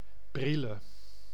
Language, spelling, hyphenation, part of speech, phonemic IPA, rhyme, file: Dutch, Brielle, Briel‧le, proper noun, /ˈbri.lə/, -ilə, Nl-Brielle.ogg
- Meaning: a city and former municipality of Voorne aan Zee, South Holland, Netherlands